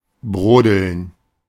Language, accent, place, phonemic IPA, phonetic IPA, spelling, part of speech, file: German, Germany, Berlin, /ˈbʁoːdəln/, [ˈbʁoːdl̩n], brodeln, verb, De-brodeln.ogg
- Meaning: 1. to seethe, to bubble, to wallop 2. to dally, to trifle, to waste time